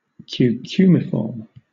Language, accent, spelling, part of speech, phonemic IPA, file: English, Southern England, cucumiform, adjective, /kjuːˈkjuːmɪfɔːm/, LL-Q1860 (eng)-cucumiform.wav
- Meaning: Shaped like a cucumber; having the form of a cylinder tapered and rounded at the ends, and possibly curved